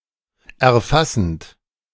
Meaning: present participle of erfassen
- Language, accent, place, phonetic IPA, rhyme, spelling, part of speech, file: German, Germany, Berlin, [ɛɐ̯ˈfasn̩t], -asn̩t, erfassend, verb, De-erfassend.ogg